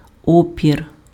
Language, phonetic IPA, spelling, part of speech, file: Ukrainian, [ˈɔpʲir], опір, noun, Uk-опір.ogg
- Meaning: resistance